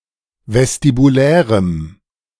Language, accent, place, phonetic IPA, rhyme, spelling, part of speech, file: German, Germany, Berlin, [vɛstibuˈlɛːʁəm], -ɛːʁəm, vestibulärem, adjective, De-vestibulärem.ogg
- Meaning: strong dative masculine/neuter singular of vestibulär